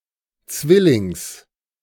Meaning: genitive singular of Zwilling
- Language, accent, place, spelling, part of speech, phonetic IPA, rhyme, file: German, Germany, Berlin, Zwillings, noun, [ˈt͡svɪlɪŋs], -ɪlɪŋs, De-Zwillings.ogg